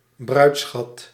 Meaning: 1. dowry (money or goods given to the bridegroom by the bride's parents) 2. bride price, reverse dowry (money or goods given to the bride or her parents by the bridegroom or his parents)
- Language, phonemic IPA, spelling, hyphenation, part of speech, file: Dutch, /ˈbrœy̯t.sxɑt/, bruidsschat, bruids‧schat, noun, Nl-bruidsschat.ogg